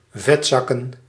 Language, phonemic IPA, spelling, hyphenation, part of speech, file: Dutch, /ˈvɛtzɑkə(n)/, vetzakken, vet‧zak‧ken, noun, Nl-vetzakken.ogg
- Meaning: plural of vetzak